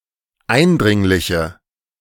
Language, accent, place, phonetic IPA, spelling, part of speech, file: German, Germany, Berlin, [ˈaɪ̯nˌdʁɪŋlɪçə], eindringliche, adjective, De-eindringliche.ogg
- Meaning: inflection of eindringlich: 1. strong/mixed nominative/accusative feminine singular 2. strong nominative/accusative plural 3. weak nominative all-gender singular